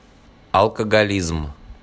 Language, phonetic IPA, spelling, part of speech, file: Russian, [ɐɫkəɡɐˈlʲizm], алкоголизм, noun, RU-алкоголизм.ogg
- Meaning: alcoholism (chronic disease)